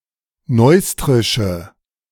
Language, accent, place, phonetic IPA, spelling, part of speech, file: German, Germany, Berlin, [ˈnɔɪ̯stʁɪʃə], neustrische, adjective, De-neustrische.ogg
- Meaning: inflection of neustrisch: 1. strong/mixed nominative/accusative feminine singular 2. strong nominative/accusative plural 3. weak nominative all-gender singular